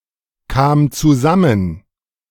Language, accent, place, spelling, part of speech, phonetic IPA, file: German, Germany, Berlin, kam zusammen, verb, [ˌkaːm t͡suˈzamən], De-kam zusammen.ogg
- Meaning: first/third-person singular preterite of zusammenkommen